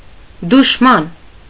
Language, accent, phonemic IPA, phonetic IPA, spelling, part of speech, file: Armenian, Eastern Armenian, /duʃˈmɑn/, [duʃmɑ́n], դուշման, noun, Hy-դուշման.ogg
- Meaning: enemy